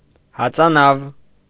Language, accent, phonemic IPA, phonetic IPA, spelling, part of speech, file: Armenian, Eastern Armenian, /hɑt͡sɑˈnɑv/, [hɑt͡sɑnɑ́v], հածանավ, noun, Hy-հածանավ.ogg
- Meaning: cruiser (ship)